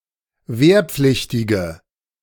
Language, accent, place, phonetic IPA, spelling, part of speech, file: German, Germany, Berlin, [ˈveːɐ̯ˌp͡flɪçtɪɡə], wehrpflichtige, adjective, De-wehrpflichtige.ogg
- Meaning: inflection of wehrpflichtig: 1. strong/mixed nominative/accusative feminine singular 2. strong nominative/accusative plural 3. weak nominative all-gender singular